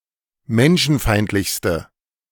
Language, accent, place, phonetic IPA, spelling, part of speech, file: German, Germany, Berlin, [ˈmɛnʃn̩ˌfaɪ̯ntlɪçstə], menschenfeindlichste, adjective, De-menschenfeindlichste.ogg
- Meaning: inflection of menschenfeindlich: 1. strong/mixed nominative/accusative feminine singular superlative degree 2. strong nominative/accusative plural superlative degree